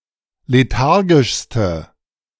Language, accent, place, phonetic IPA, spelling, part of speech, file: German, Germany, Berlin, [leˈtaʁɡɪʃstə], lethargischste, adjective, De-lethargischste.ogg
- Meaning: inflection of lethargisch: 1. strong/mixed nominative/accusative feminine singular superlative degree 2. strong nominative/accusative plural superlative degree